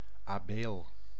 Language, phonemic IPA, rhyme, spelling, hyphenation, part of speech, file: Dutch, /aːˈbeːl/, -eːl, abeel, abeel, noun, Nl-abeel.ogg
- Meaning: abele; term used of certain poplars, mainly the white poplar (Populus alba), grey poplar (Populus × canescens) or black poplar (Populus nigra)